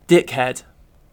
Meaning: 1. The glans penis 2. A jerk; a mean or rude person 3. A stupid or useless person
- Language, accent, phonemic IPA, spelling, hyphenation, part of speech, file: English, UK, /ˈdɪkˌ(h)ɛd/, dickhead, dick‧head, noun, En-uk-dickhead.ogg